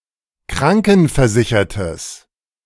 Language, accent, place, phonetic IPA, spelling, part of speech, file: German, Germany, Berlin, [ˈkʁaŋkn̩fɛɐ̯ˌzɪçɐtəs], krankenversichertes, adjective, De-krankenversichertes.ogg
- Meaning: strong/mixed nominative/accusative neuter singular of krankenversichert